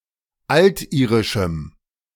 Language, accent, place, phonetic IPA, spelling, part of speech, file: German, Germany, Berlin, [ˈaltˌʔiːʁɪʃm̩], altirischem, adjective, De-altirischem.ogg
- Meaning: strong dative masculine/neuter singular of altirisch